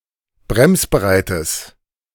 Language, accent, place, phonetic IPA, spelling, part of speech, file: German, Germany, Berlin, [ˈbʁɛmsbəˌʁaɪ̯təs], bremsbereites, adjective, De-bremsbereites.ogg
- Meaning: strong/mixed nominative/accusative neuter singular of bremsbereit